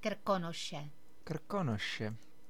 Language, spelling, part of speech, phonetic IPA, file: Czech, Krkonoše, proper noun, [ˈkr̩konoʃɛ], Cs-Krkonoše.oga
- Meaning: Giant Mountains (a mountain range located in the north of the Czech Republic and the south-west of Poland)